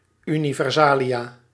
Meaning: plural of universale
- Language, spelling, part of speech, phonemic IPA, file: Dutch, universalia, noun, /ˌynivɛrˈzalija/, Nl-universalia.ogg